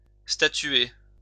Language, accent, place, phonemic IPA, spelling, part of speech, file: French, France, Lyon, /sta.tɥe/, statuer, verb, LL-Q150 (fra)-statuer.wav
- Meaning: to rule, determine